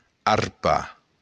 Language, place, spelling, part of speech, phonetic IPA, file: Occitan, Béarn, arpar, verb, [arˈpa], LL-Q14185 (oci)-arpar.wav
- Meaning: to claw